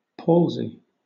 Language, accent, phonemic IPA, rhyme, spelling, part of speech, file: English, Southern England, /ˈpɔːlzi/, -ɔːlzi, palsy, noun / verb, LL-Q1860 (eng)-palsy.wav
- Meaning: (noun) Complete or partial muscle paralysis of a body part, often accompanied by a loss of feeling and uncontrolled body movements such as shaking; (verb) To paralyse, either completely or partially